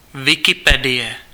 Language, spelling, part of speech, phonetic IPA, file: Czech, Wikipedie, proper noun, [ˈvɪkɪpɛdɪjɛ], Cs-Wikipedie.ogg
- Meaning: Wikipedia